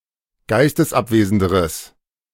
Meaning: strong/mixed nominative/accusative neuter singular comparative degree of geistesabwesend
- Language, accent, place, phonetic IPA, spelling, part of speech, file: German, Germany, Berlin, [ˈɡaɪ̯stəsˌʔapveːzn̩dəʁəs], geistesabwesenderes, adjective, De-geistesabwesenderes.ogg